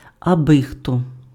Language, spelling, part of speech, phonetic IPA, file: Ukrainian, абихто, pronoun, [ɐˈbɪxtɔ], Uk-абихто.ogg
- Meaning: anyone